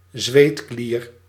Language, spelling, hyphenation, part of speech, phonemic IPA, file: Dutch, zweetklier, zweet‧klier, noun, /ˈzʋeːt.kliːr/, Nl-zweetklier.ogg
- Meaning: sweat gland